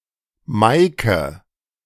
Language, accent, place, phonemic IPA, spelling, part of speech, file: German, Germany, Berlin, /ˈmaɪ̯kə/, Maike, proper noun, De-Maike.ogg
- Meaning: a diminutive of the female given name Maria, from Low German or West Frisian